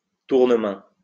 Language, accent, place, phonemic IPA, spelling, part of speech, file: French, France, Lyon, /tuʁ.nə.mɛ̃/, tournemain, noun, LL-Q150 (fra)-tournemain.wav
- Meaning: turning of a hand